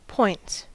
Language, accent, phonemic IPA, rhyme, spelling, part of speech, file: English, US, /pɔɪnts/, -ɔɪnts, points, noun / verb, En-us-points.ogg
- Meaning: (noun) 1. plural of point 2. Movable rails which can be used to switch a train from one railway track to another 3. Exaggerated speech or gestures used for emphasis during a performance